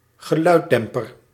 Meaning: silencer
- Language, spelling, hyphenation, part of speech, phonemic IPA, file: Dutch, geluiddemper, ge‧luid‧dem‧per, noun, /ɣəˈlœydɛmpər/, Nl-geluiddemper.ogg